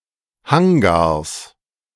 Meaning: plural of Hangar
- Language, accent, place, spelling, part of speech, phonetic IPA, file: German, Germany, Berlin, Hangars, noun, [ˈhaŋɡaːɐ̯s], De-Hangars.ogg